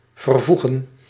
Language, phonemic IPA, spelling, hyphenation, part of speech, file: Dutch, /vərˈvu.ɣə(n)/, vervoegen, ver‧voe‧gen, verb, Nl-vervoegen.ogg
- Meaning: 1. to conjugate 2. to join